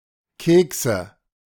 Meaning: nominative/accusative/genitive plural of Keks "cookies"
- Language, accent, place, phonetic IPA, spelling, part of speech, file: German, Germany, Berlin, [ˈkeːksə], Kekse, noun, De-Kekse.ogg